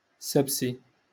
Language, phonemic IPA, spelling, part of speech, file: Moroccan Arabic, /sab.si/, سبسي, noun, LL-Q56426 (ary)-سبسي.wav
- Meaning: sebsi (a traditional cannabis pipe with a narrow bowl)